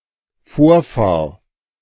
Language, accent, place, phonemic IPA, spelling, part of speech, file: German, Germany, Berlin, /ˈfoːɐ̯ˌfaːʁ/, Vorfahr, noun, De-Vorfahr.ogg
- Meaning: alternative form of Vorfahre